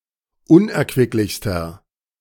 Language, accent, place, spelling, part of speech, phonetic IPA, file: German, Germany, Berlin, unerquicklichster, adjective, [ˈʊnʔɛɐ̯kvɪklɪçstɐ], De-unerquicklichster.ogg
- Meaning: inflection of unerquicklich: 1. strong/mixed nominative masculine singular superlative degree 2. strong genitive/dative feminine singular superlative degree